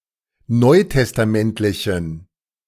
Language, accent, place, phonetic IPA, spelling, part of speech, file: German, Germany, Berlin, [ˈnɔɪ̯tɛstaˌmɛntlɪçn̩], neutestamentlichen, adjective, De-neutestamentlichen.ogg
- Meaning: inflection of neutestamentlich: 1. strong genitive masculine/neuter singular 2. weak/mixed genitive/dative all-gender singular 3. strong/weak/mixed accusative masculine singular